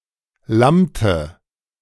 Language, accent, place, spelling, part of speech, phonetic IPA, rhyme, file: German, Germany, Berlin, lammte, verb, [ˈlamtə], -amtə, De-lammte.ogg
- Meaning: inflection of lammen: 1. first/third-person singular preterite 2. first/third-person singular subjunctive II